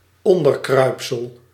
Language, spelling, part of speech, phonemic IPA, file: Dutch, onderkruipsel, noun, /ˈɔn.dərˌkrœy̯p.səl/, Nl-onderkruipsel.ogg
- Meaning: midget